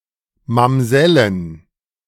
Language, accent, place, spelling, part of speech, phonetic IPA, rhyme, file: German, Germany, Berlin, Mamsellen, noun, [mamˈzɛlən], -ɛlən, De-Mamsellen.ogg
- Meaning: plural of Mamsell